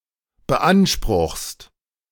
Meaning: second-person singular present of beanspruchen
- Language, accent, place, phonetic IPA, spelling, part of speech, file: German, Germany, Berlin, [bəˈʔanʃpʁʊxst], beanspruchst, verb, De-beanspruchst.ogg